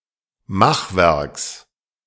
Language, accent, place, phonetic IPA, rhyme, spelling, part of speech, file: German, Germany, Berlin, [ˈmaxˌvɛʁks], -axvɛʁks, Machwerks, noun, De-Machwerks.ogg
- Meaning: genitive singular of Machwerk